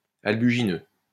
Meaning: albugineous, whitish
- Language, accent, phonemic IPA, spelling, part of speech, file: French, France, /al.by.ʒi.nø/, albugineux, adjective, LL-Q150 (fra)-albugineux.wav